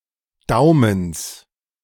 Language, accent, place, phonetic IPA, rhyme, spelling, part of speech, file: German, Germany, Berlin, [ˈdaʊ̯məns], -aʊ̯məns, Daumens, noun, De-Daumens.ogg
- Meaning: genitive singular of Daumen